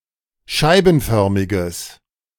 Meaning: strong/mixed nominative/accusative neuter singular of scheibenförmig
- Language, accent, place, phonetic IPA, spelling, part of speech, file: German, Germany, Berlin, [ˈʃaɪ̯bn̩ˌfœʁmɪɡəs], scheibenförmiges, adjective, De-scheibenförmiges.ogg